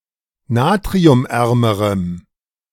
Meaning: strong dative masculine/neuter singular comparative degree of natriumarm
- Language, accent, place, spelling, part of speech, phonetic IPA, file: German, Germany, Berlin, natriumärmerem, adjective, [ˈnaːtʁiʊmˌʔɛʁməʁəm], De-natriumärmerem.ogg